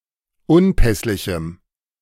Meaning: strong dative masculine/neuter singular of unpässlich
- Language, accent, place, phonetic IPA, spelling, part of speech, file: German, Germany, Berlin, [ˈʊnˌpɛslɪçm̩], unpässlichem, adjective, De-unpässlichem.ogg